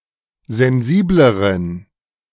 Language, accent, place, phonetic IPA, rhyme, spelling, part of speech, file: German, Germany, Berlin, [zɛnˈziːbləʁən], -iːbləʁən, sensibleren, adjective, De-sensibleren.ogg
- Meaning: inflection of sensibel: 1. strong genitive masculine/neuter singular comparative degree 2. weak/mixed genitive/dative all-gender singular comparative degree